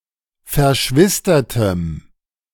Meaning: strong dative masculine/neuter singular of verschwistert
- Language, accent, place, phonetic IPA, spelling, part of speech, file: German, Germany, Berlin, [fɛɐ̯ˈʃvɪstɐtəm], verschwistertem, adjective, De-verschwistertem.ogg